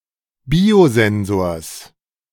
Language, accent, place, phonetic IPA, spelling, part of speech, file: German, Germany, Berlin, [ˈbiːoˌzɛnzoːɐ̯s], Biosensors, noun, De-Biosensors.ogg
- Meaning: genitive singular of Biosensor